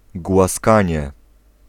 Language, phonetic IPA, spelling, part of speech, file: Polish, [ɡwaˈskãɲɛ], głaskanie, noun, Pl-głaskanie.ogg